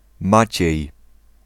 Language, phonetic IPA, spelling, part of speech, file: Polish, [ˈmat͡ɕɛ̇j], Maciej, proper noun, Pl-Maciej.ogg